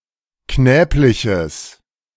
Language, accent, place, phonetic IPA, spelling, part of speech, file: German, Germany, Berlin, [ˈknɛːplɪçəs], knäbliches, adjective, De-knäbliches.ogg
- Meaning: strong/mixed nominative/accusative neuter singular of knäblich